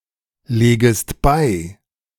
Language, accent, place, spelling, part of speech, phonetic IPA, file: German, Germany, Berlin, legest bei, verb, [ˌleːɡəst ˈbaɪ̯], De-legest bei.ogg
- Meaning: second-person singular subjunctive I of beilegen